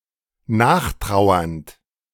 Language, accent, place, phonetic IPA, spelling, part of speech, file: German, Germany, Berlin, [ˈnaːxˌtʁaʊ̯ɐnt], nachtrauernd, verb, De-nachtrauernd.ogg
- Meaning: present participle of nachtrauern